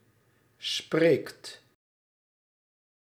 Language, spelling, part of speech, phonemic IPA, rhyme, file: Dutch, spreekt, verb, /spreːkt/, -eːkt, Nl-spreekt.ogg
- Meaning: inflection of spreken: 1. second/third-person singular present indicative 2. plural imperative